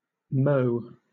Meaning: 1. A diminutive of the male given names Mohammed, Moses, Maurice, Morris, Moritz, and Mortimer 2. A diminutive of the female given names Marjorie, Maureen, Moira, and Monica 3. A surname from Chinese
- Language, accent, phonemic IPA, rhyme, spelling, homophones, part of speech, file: English, Southern England, /ˈməʊ/, -əʊ, Mo, mo / mo' / Moe / mow, proper noun, LL-Q1860 (eng)-Mo.wav